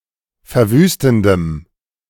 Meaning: strong dative masculine/neuter singular of verwüstend
- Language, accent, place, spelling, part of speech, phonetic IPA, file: German, Germany, Berlin, verwüstendem, adjective, [fɛɐ̯ˈvyːstn̩dəm], De-verwüstendem.ogg